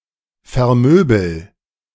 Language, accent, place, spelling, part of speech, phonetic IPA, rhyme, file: German, Germany, Berlin, vermöbel, verb, [fɛɐ̯ˈmøːbl̩], -øːbl̩, De-vermöbel.ogg
- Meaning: inflection of vermöbeln: 1. first-person singular present 2. singular imperative